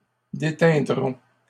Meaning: third-person plural simple future of déteindre
- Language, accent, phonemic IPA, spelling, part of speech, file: French, Canada, /de.tɛ̃.dʁɔ̃/, déteindront, verb, LL-Q150 (fra)-déteindront.wav